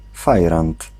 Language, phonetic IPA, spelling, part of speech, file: Polish, [ˈfajrãnt], fajrant, noun, Pl-fajrant.ogg